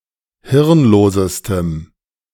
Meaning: strong dative masculine/neuter singular superlative degree of hirnlos
- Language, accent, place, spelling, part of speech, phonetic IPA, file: German, Germany, Berlin, hirnlosestem, adjective, [ˈhɪʁnˌloːzəstəm], De-hirnlosestem.ogg